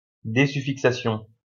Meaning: stemming, desuffixation (removing a suffix)
- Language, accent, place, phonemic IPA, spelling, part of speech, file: French, France, Lyon, /de.sy.fik.sa.sjɔ̃/, désuffixation, noun, LL-Q150 (fra)-désuffixation.wav